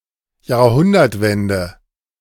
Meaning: turn of the century, fin de siècle
- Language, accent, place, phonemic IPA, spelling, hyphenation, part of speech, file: German, Germany, Berlin, /jaːɐ̯ˈhʊndɐtˌvɛndə/, Jahrhundertwende, Jahr‧hun‧dert‧wen‧de, noun, De-Jahrhundertwende.ogg